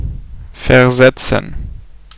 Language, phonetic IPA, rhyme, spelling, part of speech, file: German, [fɛɐ̯ˈzɛt͡sn̩], -ɛt͡sn̩, versetzen, verb, De-versetzen.ogg